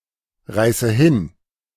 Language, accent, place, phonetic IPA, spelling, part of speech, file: German, Germany, Berlin, [ˌʁaɪ̯sə ˈhɪn], reiße hin, verb, De-reiße hin.ogg
- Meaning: inflection of hinreißen: 1. first-person singular present 2. first/third-person singular subjunctive I 3. singular imperative